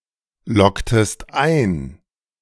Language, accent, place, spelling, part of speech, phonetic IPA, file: German, Germany, Berlin, loggtest ein, verb, [ˌlɔktəst ˈaɪ̯n], De-loggtest ein.ogg
- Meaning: inflection of einloggen: 1. second-person singular preterite 2. second-person singular subjunctive II